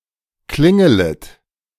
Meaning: second-person plural subjunctive I of klingeln
- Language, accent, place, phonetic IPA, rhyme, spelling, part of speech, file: German, Germany, Berlin, [ˈklɪŋələt], -ɪŋələt, klingelet, verb, De-klingelet.ogg